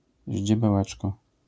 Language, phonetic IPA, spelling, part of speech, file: Polish, [ˌʑd͡ʑɛbɛˈwɛt͡ʃkɔ], ździebełeczko, noun / adverb, LL-Q809 (pol)-ździebełeczko.wav